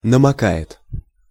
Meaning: third-person singular present indicative imperfective of намока́ть (namokátʹ)
- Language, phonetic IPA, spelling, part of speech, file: Russian, [nəmɐˈka(j)ɪt], намокает, verb, Ru-намокает.ogg